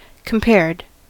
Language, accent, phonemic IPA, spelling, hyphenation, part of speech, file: English, US, /kəmˈpɛɹd/, compared, com‧pared, verb, En-us-compared.ogg
- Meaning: simple past and past participle of compare